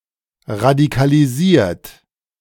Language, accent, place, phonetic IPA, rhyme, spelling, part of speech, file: German, Germany, Berlin, [ʁadikaliˈziːɐ̯t], -iːɐ̯t, radikalisiert, verb, De-radikalisiert.ogg
- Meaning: 1. past participle of radikalisieren 2. inflection of radikalisieren: third-person singular present 3. inflection of radikalisieren: second-person plural present